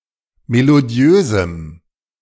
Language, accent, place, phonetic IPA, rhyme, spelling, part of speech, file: German, Germany, Berlin, [meloˈdi̯øːzm̩], -øːzm̩, melodiösem, adjective, De-melodiösem.ogg
- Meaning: strong dative masculine/neuter singular of melodiös